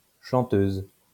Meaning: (adjective) feminine singular of chanteur; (noun) female singer, songstress
- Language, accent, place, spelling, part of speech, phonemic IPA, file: French, France, Lyon, chanteuse, adjective / noun, /ʃɑ̃.tøz/, LL-Q150 (fra)-chanteuse.wav